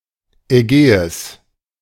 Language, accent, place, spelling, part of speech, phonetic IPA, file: German, Germany, Berlin, Ägäis, proper noun, [ɛˈɡɛːɪs], De-Ägäis.ogg
- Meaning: Aegean Sea (sea of the northeastern part of the Mediterranean Sea)